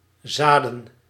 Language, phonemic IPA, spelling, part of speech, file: Dutch, /ˈzadə(n)/, zaden, noun, Nl-zaden.ogg
- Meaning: plural of zaad